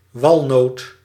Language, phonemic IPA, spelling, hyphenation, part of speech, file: Dutch, /ˈʋɑl.noːt/, walnoot, wal‧noot, noun, Nl-walnoot.ogg
- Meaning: 1. walnut (nut) 2. walnut (tree of species Juglans regia)